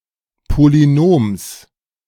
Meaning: genitive singular of Polynom
- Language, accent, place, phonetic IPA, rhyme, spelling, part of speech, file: German, Germany, Berlin, [poliˈnoːms], -oːms, Polynoms, noun, De-Polynoms.ogg